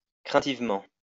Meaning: worriedly; anxiously
- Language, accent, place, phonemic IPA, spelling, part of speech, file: French, France, Lyon, /kʁɛ̃.tiv.mɑ̃/, craintivement, adverb, LL-Q150 (fra)-craintivement.wav